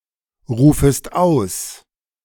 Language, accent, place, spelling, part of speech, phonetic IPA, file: German, Germany, Berlin, rufest aus, verb, [ˌʁuːfəst ˈaʊ̯s], De-rufest aus.ogg
- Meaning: second-person singular subjunctive I of ausrufen